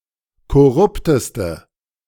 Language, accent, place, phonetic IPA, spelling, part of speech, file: German, Germany, Berlin, [kɔˈʁʊptəstə], korrupteste, adjective, De-korrupteste.ogg
- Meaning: inflection of korrupt: 1. strong/mixed nominative/accusative feminine singular superlative degree 2. strong nominative/accusative plural superlative degree